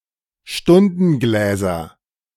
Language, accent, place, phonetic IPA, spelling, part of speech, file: German, Germany, Berlin, [ˈʃtʊndn̩ˌɡlɛːzɐ], Stundengläser, noun, De-Stundengläser.ogg
- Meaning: nominative/accusative/genitive plural of Stundenglas